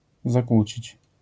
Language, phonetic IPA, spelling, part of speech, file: Polish, [zaˈkwut͡ɕit͡ɕ], zakłócić, verb, LL-Q809 (pol)-zakłócić.wav